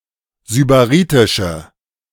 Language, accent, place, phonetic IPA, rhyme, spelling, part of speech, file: German, Germany, Berlin, [zybaˈʁiːtɪʃə], -iːtɪʃə, sybaritische, adjective, De-sybaritische.ogg
- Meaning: inflection of sybaritisch: 1. strong/mixed nominative/accusative feminine singular 2. strong nominative/accusative plural 3. weak nominative all-gender singular